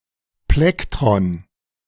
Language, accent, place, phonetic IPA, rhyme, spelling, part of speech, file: German, Germany, Berlin, [ˈplɛktʁɔn], -ɛktʁɔn, Plektron, noun, De-Plektron.ogg
- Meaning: synonym of Plektrum